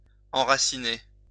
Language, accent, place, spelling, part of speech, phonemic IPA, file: French, France, Lyon, enraciner, verb, /ɑ̃.ʁa.si.ne/, LL-Q150 (fra)-enraciner.wav
- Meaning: 1. to root 2. to cause to take root 3. to take root 4. to settle down